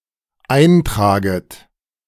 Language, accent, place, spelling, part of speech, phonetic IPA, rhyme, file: German, Germany, Berlin, eintraget, verb, [ˈaɪ̯nˌtʁaːɡət], -aɪ̯ntʁaːɡət, De-eintraget.ogg
- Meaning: second-person plural dependent subjunctive I of eintragen